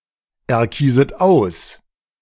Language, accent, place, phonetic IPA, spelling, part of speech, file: German, Germany, Berlin, [ɛɐ̯ˌkiːzət ˈaʊ̯s], erkieset aus, verb, De-erkieset aus.ogg
- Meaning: second-person plural subjunctive I of auserkiesen